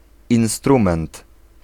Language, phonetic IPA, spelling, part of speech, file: Polish, [ĩw̃ˈstrũmɛ̃nt], instrument, noun, Pl-instrument.ogg